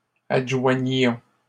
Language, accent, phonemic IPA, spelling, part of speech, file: French, Canada, /ad.ʒwa.ɲjɔ̃/, adjoignions, verb, LL-Q150 (fra)-adjoignions.wav
- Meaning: inflection of adjoindre: 1. first-person plural imperfect indicative 2. first-person plural present subjunctive